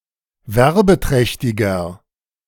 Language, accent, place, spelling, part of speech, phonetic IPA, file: German, Germany, Berlin, werbeträchtiger, adjective, [ˈvɛʁbəˌtʁɛçtɪɡɐ], De-werbeträchtiger.ogg
- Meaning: 1. comparative degree of werbeträchtig 2. inflection of werbeträchtig: strong/mixed nominative masculine singular 3. inflection of werbeträchtig: strong genitive/dative feminine singular